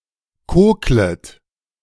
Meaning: second-person plural subjunctive I of kokeln
- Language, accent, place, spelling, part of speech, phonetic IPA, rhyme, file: German, Germany, Berlin, koklet, verb, [ˈkoːklət], -oːklət, De-koklet.ogg